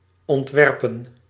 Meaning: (verb) to design; to plan; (noun) plural of ontwerp
- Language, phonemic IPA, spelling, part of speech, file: Dutch, /ɔntˈʋɛr.pə(n)/, ontwerpen, verb / noun, Nl-ontwerpen.ogg